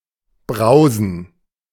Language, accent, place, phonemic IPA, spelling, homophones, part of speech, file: German, Germany, Berlin, /ˈbraʊ̯z(ə)n/, brausen, browsen, verb, De-brausen.ogg
- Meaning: 1. to make dissonant noise; roar, as done by wind or water 2. to drive fast; to race 3. to shower